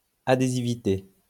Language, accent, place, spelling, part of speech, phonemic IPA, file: French, France, Lyon, adhésivité, noun, /a.de.zi.vi.te/, LL-Q150 (fra)-adhésivité.wav
- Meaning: adhesivity